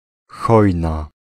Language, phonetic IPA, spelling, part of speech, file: Polish, [ˈxɔjna], Chojna, proper noun, Pl-Chojna.ogg